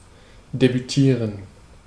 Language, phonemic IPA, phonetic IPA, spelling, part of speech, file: German, /debyˈtiːʁən/, [debyˈtʰiːɐ̯n], debütieren, verb, De-debütieren.ogg
- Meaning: to debut